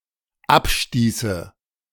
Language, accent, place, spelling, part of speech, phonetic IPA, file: German, Germany, Berlin, abstieße, verb, [ˈapˌʃtiːsə], De-abstieße.ogg
- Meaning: first/third-person singular dependent subjunctive II of abstoßen